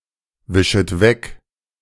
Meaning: second-person plural subjunctive I of wegwischen
- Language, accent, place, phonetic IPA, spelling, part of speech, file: German, Germany, Berlin, [ˌvɪʃət ˈvɛk], wischet weg, verb, De-wischet weg.ogg